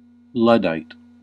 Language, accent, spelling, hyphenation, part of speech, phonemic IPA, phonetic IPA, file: English, US, Luddite, Lud‧dite, noun, /ˈlʌ.daɪt/, [ˈlʌ.ɾaɪt], En-us-Luddite.ogg
- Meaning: 1. Any of a group of early-19th-century English textile workers who destroyed machinery because it would harm their livelihood 2. Someone who opposes technological change